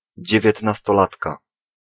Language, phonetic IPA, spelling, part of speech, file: Polish, [ˌd͡ʑɛvʲjɛtnastɔˈlatka], dziewiętnastolatka, noun, Pl-dziewiętnastolatka.ogg